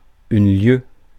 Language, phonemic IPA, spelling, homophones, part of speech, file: French, /ljø/, lieue, lieu / lieus / lieux / lieues, noun, Fr-lieue.ogg
- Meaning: league (distance)